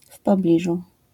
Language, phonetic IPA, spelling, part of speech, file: Polish, [f‿pɔˈblʲiʒu], w pobliżu, adverbial phrase, LL-Q809 (pol)-w pobliżu.wav